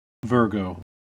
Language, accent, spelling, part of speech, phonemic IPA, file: English, US, Virgo, proper noun / noun, /ˈvɝ.ɡoʊ/, En-us-Virgo.ogg
- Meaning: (proper noun) A constellation in the zodiac, traditionally figured in the shape of a maiden holding an ear of wheat (represented by the bright binary star Spica)